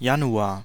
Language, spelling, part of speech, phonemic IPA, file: German, Januar, noun, /ˈjanuaːr/, De-Januar.ogg
- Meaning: January (the first month of the Gregorian calendar, following the December of the previous year and preceding February)